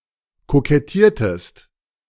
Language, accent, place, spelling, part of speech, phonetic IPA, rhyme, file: German, Germany, Berlin, kokettiertest, verb, [kokɛˈtiːɐ̯təst], -iːɐ̯təst, De-kokettiertest.ogg
- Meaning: inflection of kokettieren: 1. second-person singular preterite 2. second-person singular subjunctive II